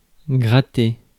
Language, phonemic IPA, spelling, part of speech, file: French, /ɡʁa.te/, gratter, verb, Fr-gratter.ogg
- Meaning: 1. to scrub 2. to scrape 3. to scratch 4. to itch 5. to play the guitar